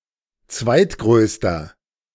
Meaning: inflection of zweitgrößte: 1. strong/mixed nominative masculine singular 2. strong genitive/dative feminine singular 3. strong genitive plural
- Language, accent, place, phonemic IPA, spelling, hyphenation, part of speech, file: German, Germany, Berlin, /ˈt͡svaɪ̯tˌɡʁøːstɐ/, zweitgrößter, zweit‧größ‧ter, adjective, De-zweitgrößter.ogg